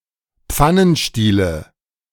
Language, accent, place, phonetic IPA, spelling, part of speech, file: German, Germany, Berlin, [ˈp͡fanənˌʃtiːlə], Pfannenstiele, noun, De-Pfannenstiele.ogg
- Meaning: nominative/accusative/genitive plural of Pfannenstiel